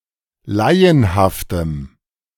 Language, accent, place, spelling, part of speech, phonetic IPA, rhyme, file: German, Germany, Berlin, laienhaftem, adjective, [ˈlaɪ̯ənhaftəm], -aɪ̯ənhaftəm, De-laienhaftem.ogg
- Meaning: strong dative masculine/neuter singular of laienhaft